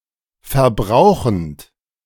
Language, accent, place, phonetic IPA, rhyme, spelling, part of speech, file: German, Germany, Berlin, [fɛɐ̯ˈbʁaʊ̯xn̩t], -aʊ̯xn̩t, verbrauchend, verb, De-verbrauchend.ogg
- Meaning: present participle of verbrauchen